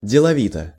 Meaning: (adverb) busily; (adjective) short neuter singular of делови́тый (delovítyj)
- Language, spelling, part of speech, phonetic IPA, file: Russian, деловито, adverb / adjective, [dʲɪɫɐˈvʲitə], Ru-деловито.ogg